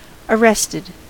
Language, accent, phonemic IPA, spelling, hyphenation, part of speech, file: English, US, /əˈɹɛstɪd/, arrested, ar‧rest‧ed, verb / adjective, En-us-arrested.ogg
- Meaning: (verb) simple past and past participle of arrest; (adjective) Having been stopped or prevented from developing; terminated prematurely